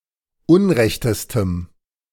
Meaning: strong dative masculine/neuter singular superlative degree of unrecht
- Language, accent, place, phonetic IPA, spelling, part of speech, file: German, Germany, Berlin, [ˈʊnˌʁɛçtəstəm], unrechtestem, adjective, De-unrechtestem.ogg